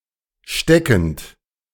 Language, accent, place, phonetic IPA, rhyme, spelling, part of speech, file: German, Germany, Berlin, [ˈʃtɛkn̩t], -ɛkn̩t, steckend, verb, De-steckend.ogg
- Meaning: present participle of stecken